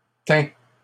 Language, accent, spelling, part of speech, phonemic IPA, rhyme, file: French, Canada, teins, verb, /tɛ̃/, -ɛ̃, LL-Q150 (fra)-teins.wav
- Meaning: inflection of teindre: 1. first/second-person singular present indicative 2. second-person singular imperative